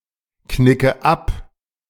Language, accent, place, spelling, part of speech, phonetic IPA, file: German, Germany, Berlin, knicke ab, verb, [ˌknɪkə ˈap], De-knicke ab.ogg
- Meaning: inflection of abknicken: 1. first-person singular present 2. first/third-person singular subjunctive I 3. singular imperative